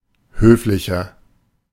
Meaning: 1. comparative degree of höflich 2. inflection of höflich: strong/mixed nominative masculine singular 3. inflection of höflich: strong genitive/dative feminine singular
- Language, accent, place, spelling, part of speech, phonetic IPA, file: German, Germany, Berlin, höflicher, adjective, [ˈhøːflɪçɐ], De-höflicher.ogg